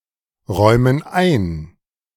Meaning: inflection of einräumen: 1. first/third-person plural present 2. first/third-person plural subjunctive I
- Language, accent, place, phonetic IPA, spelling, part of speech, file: German, Germany, Berlin, [ˌʁɔɪ̯mən ˈaɪ̯n], räumen ein, verb, De-räumen ein.ogg